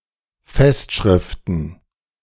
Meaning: plural of Festschrift
- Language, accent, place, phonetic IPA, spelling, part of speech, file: German, Germany, Berlin, [ˈfɛstˌʃʁɪftn̩], Festschriften, noun, De-Festschriften.ogg